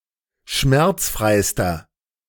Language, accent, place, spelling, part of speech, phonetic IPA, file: German, Germany, Berlin, schmerzfreister, adjective, [ˈʃmɛʁt͡sˌfʁaɪ̯stɐ], De-schmerzfreister.ogg
- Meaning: inflection of schmerzfrei: 1. strong/mixed nominative masculine singular superlative degree 2. strong genitive/dative feminine singular superlative degree 3. strong genitive plural superlative degree